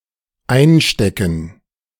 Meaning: 1. to take (for oneself), to pocket 2. to pocket, to pack, to take with oneself, to have on oneself 3. to endure, to suffer (an unpleasant experience, especially without complaint)
- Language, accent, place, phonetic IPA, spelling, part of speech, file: German, Germany, Berlin, [ˈaɪ̯nˌʃtɛkn̩], einstecken, verb, De-einstecken.ogg